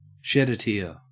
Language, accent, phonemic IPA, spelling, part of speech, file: English, Australia, /ˈʃɛdəˈtɪə/, shed a tear, verb, En-au-shed a tear.ogg
- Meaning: 1. To have a tear released, to cry (from sadness) 2. To take a dram, or glass of spirits